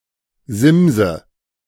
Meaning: 1. bulrush, any of several herbs of the genus Scirpus 2. SMS, text message
- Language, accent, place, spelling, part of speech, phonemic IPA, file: German, Germany, Berlin, Simse, noun, /ˈzɪmzə/, De-Simse.ogg